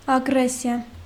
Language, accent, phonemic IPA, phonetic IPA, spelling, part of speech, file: Armenian, Eastern Armenian, /ɑɡˈɾesiɑ/, [ɑɡɾésjɑ], ագրեսիա, noun, Hy-ագրեսիա.ogg
- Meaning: 1. aggression 2. war of aggression